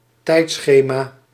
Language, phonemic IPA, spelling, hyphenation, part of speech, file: Dutch, /ˈtɛi̯tˌsxeː.maː/, tijdschema, tijd‧sche‧ma, noun, Nl-tijdschema.ogg
- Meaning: timetable, schedule (in relation to time)